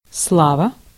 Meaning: 1. glory 2. fame, renown 3. repute, reputation 4. rumour, rumor 5. Slava (Soviet and Russian watches)
- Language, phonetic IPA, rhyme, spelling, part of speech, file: Russian, [ˈsɫavə], -avə, слава, noun, Ru-слава.ogg